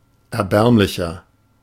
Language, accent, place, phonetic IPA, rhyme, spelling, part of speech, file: German, Germany, Berlin, [ˌɛɐ̯ˈbɛʁmlɪçɐ], -ɛʁmlɪçɐ, erbärmlicher, adjective, De-erbärmlicher.ogg
- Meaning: 1. comparative degree of erbärmlich 2. inflection of erbärmlich: strong/mixed nominative masculine singular 3. inflection of erbärmlich: strong genitive/dative feminine singular